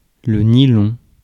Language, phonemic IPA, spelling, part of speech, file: French, /ni.lɔ̃/, nylon, noun, Fr-nylon.ogg
- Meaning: nylon (material)